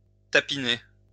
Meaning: 1. to go on the game (to work as a prostitute) 2. to work, to hustle
- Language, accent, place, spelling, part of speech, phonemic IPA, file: French, France, Lyon, tapiner, verb, /ta.pi.ne/, LL-Q150 (fra)-tapiner.wav